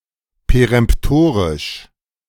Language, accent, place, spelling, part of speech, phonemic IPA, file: German, Germany, Berlin, peremptorisch, adjective, /peʁɛmpˈtoːʁɪʃ/, De-peremptorisch.ogg
- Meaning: alternative form of peremtorisch